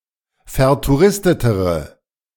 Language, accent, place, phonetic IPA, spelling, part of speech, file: German, Germany, Berlin, [fɛɐ̯tuˈʁɪstətəʁə], vertouristetere, adjective, De-vertouristetere.ogg
- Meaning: inflection of vertouristet: 1. strong/mixed nominative/accusative feminine singular comparative degree 2. strong nominative/accusative plural comparative degree